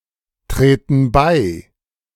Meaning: inflection of beitreten: 1. first/third-person plural present 2. first/third-person plural subjunctive I
- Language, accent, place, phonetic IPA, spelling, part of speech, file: German, Germany, Berlin, [ˌtʁeːtn̩ ˈbaɪ̯], treten bei, verb, De-treten bei.ogg